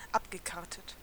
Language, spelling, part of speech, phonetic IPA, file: German, abgekartet, adjective / verb, [ˈapɡəˌkaʁtət], De-abgekartet.ogg
- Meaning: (verb) past participle of abkarten; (adjective) put-up, collusive